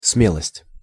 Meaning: boldness, courage; audacity
- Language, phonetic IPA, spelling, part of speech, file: Russian, [ˈsmʲeɫəsʲtʲ], смелость, noun, Ru-смелость.ogg